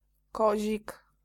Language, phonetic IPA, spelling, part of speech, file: Polish, [ˈkɔʑik], kozik, noun, Pl-kozik.ogg